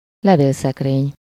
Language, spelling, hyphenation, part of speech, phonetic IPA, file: Hungarian, levélszekrény, le‧vél‧szek‧rény, noun, [ˈlɛveːlsɛkreːɲ], Hu-levélszekrény.ogg
- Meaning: letterbox (the box where a postal worker delivers letters for a recipient to collect)